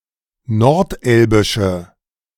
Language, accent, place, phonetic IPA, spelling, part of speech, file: German, Germany, Berlin, [nɔʁtˈʔɛlbɪʃə], nordelbische, adjective, De-nordelbische.ogg
- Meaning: inflection of nordelbisch: 1. strong/mixed nominative/accusative feminine singular 2. strong nominative/accusative plural 3. weak nominative all-gender singular